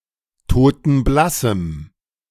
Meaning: strong dative masculine/neuter singular of totenblass
- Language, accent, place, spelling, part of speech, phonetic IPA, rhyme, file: German, Germany, Berlin, totenblassem, adjective, [toːtn̩ˈblasm̩], -asm̩, De-totenblassem.ogg